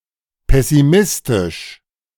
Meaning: pessimistic
- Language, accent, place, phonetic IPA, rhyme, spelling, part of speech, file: German, Germany, Berlin, [ˌpɛsiˈmɪstɪʃ], -ɪstɪʃ, pessimistisch, adjective, De-pessimistisch.ogg